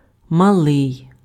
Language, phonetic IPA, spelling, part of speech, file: Ukrainian, [mɐˈɫɪi̯], малий, adjective, Uk-малий.ogg
- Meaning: little, small